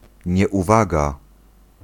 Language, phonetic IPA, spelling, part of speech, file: Polish, [ˌɲɛʷuˈvaɡa], nieuwaga, noun, Pl-nieuwaga.ogg